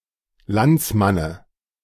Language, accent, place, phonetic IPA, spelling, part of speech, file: German, Germany, Berlin, [ˈlant͡sˌmanə], Landsmanne, noun, De-Landsmanne.ogg
- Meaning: dative singular of Landsmann